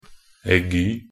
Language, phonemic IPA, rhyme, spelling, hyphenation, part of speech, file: Norwegian Bokmål, /ɛˈɡyː/, -yː, aigu, ai‧gu, noun, Nb-aigu.ogg
- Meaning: only used in accent aigu (“acute accent”)